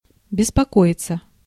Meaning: 1. to worry (about), to be anxious (about), to be uneasy (about) 2. to bother with, to care about 3. passive of беспоко́ить (bespokóitʹ)
- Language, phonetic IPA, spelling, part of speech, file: Russian, [bʲɪspɐˈkoɪt͡sə], беспокоиться, verb, Ru-беспокоиться.ogg